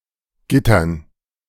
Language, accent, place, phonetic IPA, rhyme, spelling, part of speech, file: German, Germany, Berlin, [ˈɡɪtɐn], -ɪtɐn, Gittern, noun, De-Gittern.ogg
- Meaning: dative plural of Gitter